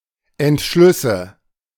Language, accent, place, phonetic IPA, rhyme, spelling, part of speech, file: German, Germany, Berlin, [ɛntˈʃlʏsə], -ʏsə, Entschlüsse, noun, De-Entschlüsse.ogg
- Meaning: nominative/accusative/genitive plural of Entschluss